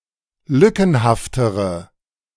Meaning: inflection of lückenhaft: 1. strong/mixed nominative/accusative feminine singular comparative degree 2. strong nominative/accusative plural comparative degree
- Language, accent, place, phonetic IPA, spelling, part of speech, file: German, Germany, Berlin, [ˈlʏkn̩haftəʁə], lückenhaftere, adjective, De-lückenhaftere.ogg